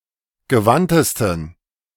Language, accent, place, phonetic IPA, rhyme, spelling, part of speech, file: German, Germany, Berlin, [ɡəˈvantəstn̩], -antəstn̩, gewandtesten, adjective, De-gewandtesten.ogg
- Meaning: 1. superlative degree of gewandt 2. inflection of gewandt: strong genitive masculine/neuter singular superlative degree